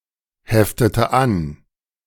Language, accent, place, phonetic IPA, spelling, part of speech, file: German, Germany, Berlin, [ˌhɛftətə ˈan], heftete an, verb, De-heftete an.ogg
- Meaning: inflection of anheften: 1. first/third-person singular preterite 2. first/third-person singular subjunctive II